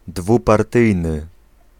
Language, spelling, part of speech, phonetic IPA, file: Polish, dwupartyjny, adjective, [ˌdvuparˈtɨjnɨ], Pl-dwupartyjny.ogg